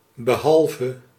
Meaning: except
- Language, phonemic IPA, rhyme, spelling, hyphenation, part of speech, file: Dutch, /bəˈɦɑl.və/, -ɑlvə, behalve, be‧hal‧ve, preposition, Nl-behalve.ogg